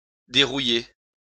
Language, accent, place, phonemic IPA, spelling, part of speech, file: French, France, Lyon, /de.ʁu.je/, dérouiller, verb, LL-Q150 (fra)-dérouiller.wav
- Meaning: 1. to derust, to remove rust from 2. to get back into, dust off 3. to lose rust 4. to come back